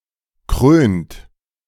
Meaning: inflection of krönen: 1. third-person singular present 2. second-person plural present 3. plural imperative
- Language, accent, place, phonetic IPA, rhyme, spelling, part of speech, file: German, Germany, Berlin, [kʁøːnt], -øːnt, krönt, verb, De-krönt.ogg